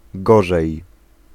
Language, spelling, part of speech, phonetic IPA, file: Polish, gorzej, adverb / verb, [ˈɡɔʒɛj], Pl-gorzej.ogg